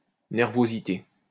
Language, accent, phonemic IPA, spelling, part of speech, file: French, France, /nɛʁ.vo.zi.te/, nervosité, noun, LL-Q150 (fra)-nervosité.wav
- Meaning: 1. nervousness 2. instability